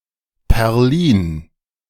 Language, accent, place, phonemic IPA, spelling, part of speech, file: German, Germany, Berlin, /pɛʁˈliːn/, Perlin, proper noun, De-Perlin.ogg
- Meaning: Perlin (a municipality and small village in the south of Nordwestmecklenburg district, Mecklenburg-Vorpommern, Germany)